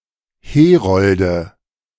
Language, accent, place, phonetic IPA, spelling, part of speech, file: German, Germany, Berlin, [ˈheːˌʁɔldə], Herolde, noun, De-Herolde.ogg
- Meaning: nominative/accusative/genitive plural of Herold